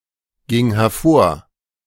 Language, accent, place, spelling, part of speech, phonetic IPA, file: German, Germany, Berlin, ging hervor, verb, [ˌɡɪŋ hɛɐ̯ˈfoːɐ̯], De-ging hervor.ogg
- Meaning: first/third-person singular preterite of hervorgehen